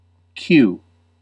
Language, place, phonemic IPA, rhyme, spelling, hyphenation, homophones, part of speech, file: English, California, /kju/, -uː, queue, queue, cue / Kew / kyu / Q / que, noun / verb, En-us-queue.ogg